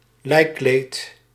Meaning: 1. a pall 2. a funeral shroud
- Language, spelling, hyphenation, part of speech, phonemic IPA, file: Dutch, lijkkleed, lijk‧kleed, noun, /ˈlɛi̯.kleːt/, Nl-lijkkleed.ogg